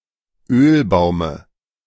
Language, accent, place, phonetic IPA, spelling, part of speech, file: German, Germany, Berlin, [ˈøːlˌbaʊ̯mə], Ölbaume, noun, De-Ölbaume.ogg
- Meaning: dative of Ölbaum